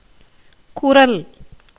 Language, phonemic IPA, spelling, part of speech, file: Tamil, /kʊɾɐl/, குரல், noun, Ta-குரல்.ogg
- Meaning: 1. voice 2. word 3. sound 4. throat